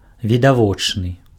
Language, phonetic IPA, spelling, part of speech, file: Belarusian, [vʲidaˈvot͡ʂnɨ], відавочны, adjective, Be-відавочны.ogg
- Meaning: apparent, obvious